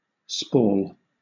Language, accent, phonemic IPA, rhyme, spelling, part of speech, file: English, Southern England, /spɔːl/, -ɔːl, spall, noun / verb, LL-Q1860 (eng)-spall.wav
- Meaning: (noun) 1. A splinter, fragment or chip, especially of stone 2. A process of weathering, aging, or other wear that involves the crumbling of the substrate